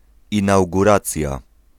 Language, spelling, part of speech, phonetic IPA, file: Polish, inauguracja, noun, [ˌĩnawɡuˈrat͡sʲja], Pl-inauguracja.ogg